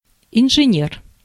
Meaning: engineer (person qualified or professionally engaged in engineering)
- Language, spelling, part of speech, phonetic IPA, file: Russian, инженер, noun, [ɪnʐɨˈnʲer], Ru-инженер.ogg